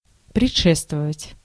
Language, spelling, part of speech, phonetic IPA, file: Russian, предшествовать, verb, [prʲɪt͡ʂˈʂɛstvəvətʲ], Ru-предшествовать.ogg
- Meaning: to precede, to forego, to forerun, to antedate